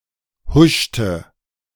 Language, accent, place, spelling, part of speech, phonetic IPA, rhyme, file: German, Germany, Berlin, huschte, verb, [ˈhʊʃtə], -ʊʃtə, De-huschte.ogg
- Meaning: inflection of huschen: 1. first/third-person singular preterite 2. first/third-person singular subjunctive II